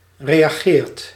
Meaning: inflection of reageren: 1. second/third-person singular present indicative 2. plural imperative
- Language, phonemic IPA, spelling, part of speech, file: Dutch, /ˌrejaˈɣert/, reageert, verb, Nl-reageert.ogg